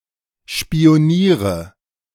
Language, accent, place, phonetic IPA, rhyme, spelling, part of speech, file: German, Germany, Berlin, [ʃpi̯oˈniːʁə], -iːʁə, spioniere, verb, De-spioniere.ogg
- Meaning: inflection of spionieren: 1. first-person singular present 2. singular imperative 3. first/third-person singular subjunctive I